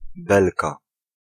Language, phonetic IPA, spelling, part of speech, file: Polish, [ˈbɛlka], belka, noun, Pl-belka.ogg